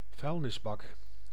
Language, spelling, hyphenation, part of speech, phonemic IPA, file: Dutch, vuilnisbak, vuil‧nis‧bak, noun, /ˈvœy̯l.nɪsˌbɑk/, Nl-vuilnisbak.ogg
- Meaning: 1. rubbish bin, trashcan, dustbin 2. a mongrel dog